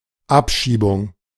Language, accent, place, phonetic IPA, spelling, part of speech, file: German, Germany, Berlin, [ˈapˌʃiːbʊŋ], Abschiebung, noun, De-Abschiebung.ogg
- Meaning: deportation